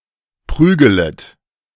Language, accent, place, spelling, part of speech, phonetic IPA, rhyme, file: German, Germany, Berlin, prügelet, verb, [ˈpʁyːɡələt], -yːɡələt, De-prügelet.ogg
- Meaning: second-person plural subjunctive I of prügeln